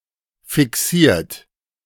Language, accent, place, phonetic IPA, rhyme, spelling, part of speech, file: German, Germany, Berlin, [fɪˈksiːɐ̯t], -iːɐ̯t, fixiert, verb, De-fixiert.ogg
- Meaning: 1. past participle of fixieren 2. inflection of fixieren: third-person singular present 3. inflection of fixieren: second-person plural present 4. inflection of fixieren: plural imperative